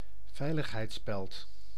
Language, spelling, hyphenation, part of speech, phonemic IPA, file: Dutch, veiligheidsspeld, vei‧lig‧heids‧speld, noun, /ˈvɛi̯.ləx.ɦɛi̯tˌspɛlt/, Nl-veiligheidsspeld.ogg
- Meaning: a safety pin